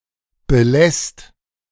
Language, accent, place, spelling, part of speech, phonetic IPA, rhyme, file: German, Germany, Berlin, belässt, verb, [bəˈlɛst], -ɛst, De-belässt.ogg
- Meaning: second/third-person singular present of belassen